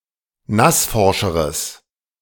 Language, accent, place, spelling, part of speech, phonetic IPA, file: German, Germany, Berlin, nassforscheres, adjective, [ˈnasˌfɔʁʃəʁəs], De-nassforscheres.ogg
- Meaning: strong/mixed nominative/accusative neuter singular comparative degree of nassforsch